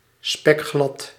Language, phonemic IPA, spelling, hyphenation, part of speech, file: Dutch, /ˈspɛkˌxlɑt/, spekglad, spek‧glad, adjective, Nl-spekglad.ogg
- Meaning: very slippery